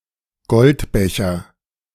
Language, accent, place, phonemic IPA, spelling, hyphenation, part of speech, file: German, Germany, Berlin, /ˈɡɔltˌbɛçɐ/, Goldbecher, Gold‧be‧cher, noun, De-Goldbecher.ogg
- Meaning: gold cup